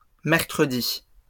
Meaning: plural of mercredi
- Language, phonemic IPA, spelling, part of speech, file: French, /mɛʁ.kʁə.di/, mercredis, noun, LL-Q150 (fra)-mercredis.wav